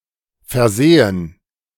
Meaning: first/third-person plural subjunctive II of versehen
- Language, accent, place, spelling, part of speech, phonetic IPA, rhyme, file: German, Germany, Berlin, versähen, verb, [fɛɐ̯ˈzɛːən], -ɛːən, De-versähen.ogg